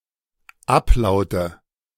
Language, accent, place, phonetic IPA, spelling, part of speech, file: German, Germany, Berlin, [ˈapˌlaʊ̯tə], Ablaute, noun, De-Ablaute.ogg
- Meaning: nominative/accusative/genitive plural of Ablaut